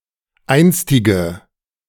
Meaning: inflection of einstig: 1. strong/mixed nominative/accusative feminine singular 2. strong nominative/accusative plural 3. weak nominative all-gender singular 4. weak accusative feminine/neuter singular
- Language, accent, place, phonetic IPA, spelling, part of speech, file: German, Germany, Berlin, [ˈaɪ̯nstɪɡə], einstige, adjective, De-einstige.ogg